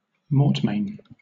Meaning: 1. The perpetual, inalienable possession of lands by a corporation or non-personal entity such as a church 2. A strong and inalienable possession
- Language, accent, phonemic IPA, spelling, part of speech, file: English, Southern England, /ˈmɔːt.meɪn/, mortmain, noun, LL-Q1860 (eng)-mortmain.wav